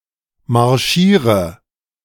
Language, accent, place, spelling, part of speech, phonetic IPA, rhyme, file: German, Germany, Berlin, marschiere, verb, [maʁˈʃiːʁə], -iːʁə, De-marschiere.ogg
- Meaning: inflection of marschieren: 1. first-person singular present 2. first/third-person singular subjunctive I 3. singular imperative